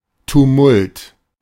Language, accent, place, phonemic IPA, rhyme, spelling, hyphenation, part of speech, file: German, Germany, Berlin, /tuˈmʊlt/, -ʊlt, Tumult, Tu‧mult, noun, De-Tumult.ogg
- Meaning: tumult, ruckus, row